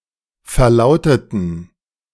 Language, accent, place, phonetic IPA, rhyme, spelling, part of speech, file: German, Germany, Berlin, [fɛɐ̯ˈlaʊ̯tətn̩], -aʊ̯tətn̩, verlauteten, adjective / verb, De-verlauteten.ogg
- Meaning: inflection of verlauten: 1. first/third-person plural preterite 2. first/third-person plural subjunctive II